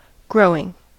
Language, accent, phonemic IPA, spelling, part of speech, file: English, US, /ˈɡɹoʊɪŋ/, growing, verb / noun, En-us-growing.ogg
- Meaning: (verb) present participle and gerund of grow; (noun) 1. Growth; increase 2. The raising of plants